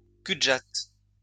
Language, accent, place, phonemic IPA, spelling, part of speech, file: French, France, Lyon, /ky.d(ə).ʒat/, cul-de-jatte, noun, LL-Q150 (fra)-cul-de-jatte.wav
- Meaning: legless cripple, someone with both legs amputated